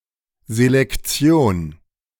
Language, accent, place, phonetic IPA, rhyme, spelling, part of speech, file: German, Germany, Berlin, [zelɛkˈt͡si̯oːn], -oːn, Selektion, noun, De-Selektion.ogg
- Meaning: 1. selection: selection (including artificial and natural selection) 2. selection: triage 3. screening (of candidates etc)